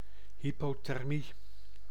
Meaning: hypothermia
- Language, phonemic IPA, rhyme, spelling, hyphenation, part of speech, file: Dutch, /ˌɦi.poː.tɛrˈmi/, -i, hypothermie, hy‧po‧ther‧mie, noun, Nl-hypothermie.ogg